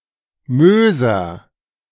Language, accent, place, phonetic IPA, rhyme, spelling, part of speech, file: German, Germany, Berlin, [ˈmøːzɐ], -øːzɐ, Möser, proper noun / noun, De-Möser.ogg
- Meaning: nominative/accusative/genitive plural of Moos